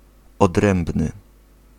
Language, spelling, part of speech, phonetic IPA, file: Polish, odrębny, adjective, [ɔdˈrɛ̃mbnɨ], Pl-odrębny.ogg